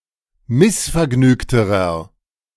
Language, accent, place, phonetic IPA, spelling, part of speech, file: German, Germany, Berlin, [ˈmɪsfɛɐ̯ˌɡnyːktəʁɐ], missvergnügterer, adjective, De-missvergnügterer.ogg
- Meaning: inflection of missvergnügt: 1. strong/mixed nominative masculine singular comparative degree 2. strong genitive/dative feminine singular comparative degree 3. strong genitive plural comparative degree